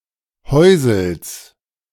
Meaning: genitive singular of Häusl
- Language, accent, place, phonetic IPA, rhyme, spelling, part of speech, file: German, Germany, Berlin, [ˈhɔɪ̯zl̩s], -ɔɪ̯zl̩s, Häusls, noun, De-Häusls.ogg